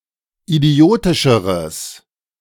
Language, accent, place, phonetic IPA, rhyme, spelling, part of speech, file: German, Germany, Berlin, [iˈdi̯oːtɪʃəʁəs], -oːtɪʃəʁəs, idiotischeres, adjective, De-idiotischeres.ogg
- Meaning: strong/mixed nominative/accusative neuter singular comparative degree of idiotisch